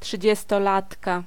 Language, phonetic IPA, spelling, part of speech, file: Polish, [ˌṭʃɨd͡ʑɛstɔˈlatka], trzydziestolatka, noun, Pl-trzydziestolatka.ogg